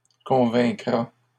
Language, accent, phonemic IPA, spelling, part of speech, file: French, Canada, /kɔ̃.vɛ̃.kʁa/, convaincra, verb, LL-Q150 (fra)-convaincra.wav
- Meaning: third-person singular future of convaincre